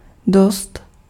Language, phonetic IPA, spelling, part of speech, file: Czech, [ˈdost], dost, adverb, Cs-dost.ogg
- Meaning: 1. enough 2. pretty, rather